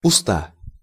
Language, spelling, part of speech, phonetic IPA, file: Russian, уста, noun, [ʊˈsta], Ru-уста.ogg
- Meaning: mouth, lips